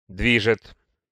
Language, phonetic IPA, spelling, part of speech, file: Russian, [ˈdvʲiʐɨt], движет, verb, Ru-движет.ogg
- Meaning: third-person singular present indicative imperfective of дви́гать (dvígatʹ)